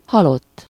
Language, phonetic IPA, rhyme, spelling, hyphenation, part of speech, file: Hungarian, [ˈhɒlotː], -otː, halott, ha‧lott, adjective / noun, Hu-halott.ogg
- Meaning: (adjective) dead, deceased; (noun) 1. a dead person 2. corpse 3. … (people) were killed (in a disaster or attack) (literally, “it had … deads”)